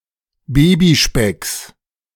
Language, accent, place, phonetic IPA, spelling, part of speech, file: German, Germany, Berlin, [ˈbeːbiˌʃpɛks], Babyspecks, noun, De-Babyspecks.ogg
- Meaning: genitive singular of Babyspeck